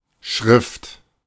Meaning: 1. writing, script 2. script (system of writing) 3. hand, handwriting (individual way of drawing characters) 4. font (specific design of printed characters) 5. writing, text (work of an author)
- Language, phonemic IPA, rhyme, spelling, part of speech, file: German, /ʃʁɪft/, -ɪft, Schrift, noun, De-Schrift.oga